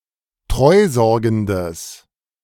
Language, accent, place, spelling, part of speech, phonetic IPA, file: German, Germany, Berlin, treusorgendes, adjective, [ˈtʁɔɪ̯ˌzɔʁɡn̩dəs], De-treusorgendes.ogg
- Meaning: strong/mixed nominative/accusative neuter singular of treusorgend